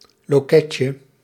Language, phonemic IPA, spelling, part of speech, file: Dutch, /loˈkɛcə/, loketje, noun, Nl-loketje.ogg
- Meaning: diminutive of loket